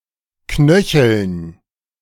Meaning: dative plural of Knöchel
- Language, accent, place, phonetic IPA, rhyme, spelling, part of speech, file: German, Germany, Berlin, [ˈknœçl̩n], -œçl̩n, Knöcheln, noun, De-Knöcheln.ogg